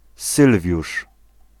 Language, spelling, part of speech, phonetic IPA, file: Polish, Sylwiusz, proper noun, [ˈsɨlvʲjuʃ], Pl-Sylwiusz.ogg